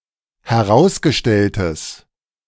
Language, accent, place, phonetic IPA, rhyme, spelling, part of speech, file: German, Germany, Berlin, [hɛˈʁaʊ̯sɡəˌʃtɛltəs], -aʊ̯sɡəʃtɛltəs, herausgestelltes, adjective, De-herausgestelltes.ogg
- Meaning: strong/mixed nominative/accusative neuter singular of herausgestellt